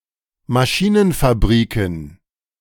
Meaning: plural of Maschinenfabrik
- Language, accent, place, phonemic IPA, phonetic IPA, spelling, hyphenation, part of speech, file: German, Germany, Berlin, /maˌʃiːnən.faˈbʀiːkən/, [maˌʃiːn̩.faˈbʀiːkn̩], Maschinenfabriken, Ma‧schi‧nen‧fab‧ri‧ken, noun, De-Maschinenfabriken.ogg